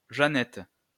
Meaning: 1. gold cross (worn from the neck) 2. sleeve board (for ironing sleeves)
- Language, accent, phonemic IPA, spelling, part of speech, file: French, France, /ʒa.nɛt/, jeannette, noun, LL-Q150 (fra)-jeannette.wav